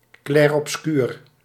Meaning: chiaroscuro
- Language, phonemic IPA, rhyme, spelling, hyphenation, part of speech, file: Dutch, /ˌklɛr.ɔpˈskyːr/, -yːr, clair-obscur, clair-ob‧scur, noun, Nl-clair-obscur.ogg